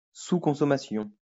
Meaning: underconsumption
- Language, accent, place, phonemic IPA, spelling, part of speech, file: French, France, Lyon, /su.kɔ̃.sɔ.ma.sjɔ̃/, sous-consommation, noun, LL-Q150 (fra)-sous-consommation.wav